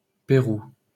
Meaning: Peru (a country in South America)
- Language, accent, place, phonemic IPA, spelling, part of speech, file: French, France, Paris, /pe.ʁu/, Pérou, proper noun, LL-Q150 (fra)-Pérou.wav